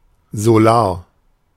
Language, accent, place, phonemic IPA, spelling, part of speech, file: German, Germany, Berlin, /zoˈlaːɐ̯/, solar, adjective, De-solar.ogg
- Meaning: solar